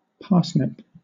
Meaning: 1. A biennial plant, Pastinaca sativa, related to the carrot 2. The root of the parsnip, when used as a vegetable
- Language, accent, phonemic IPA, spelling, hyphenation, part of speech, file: English, Southern England, /ˈpɑː.snɪp/, parsnip, par‧snip, noun, LL-Q1860 (eng)-parsnip.wav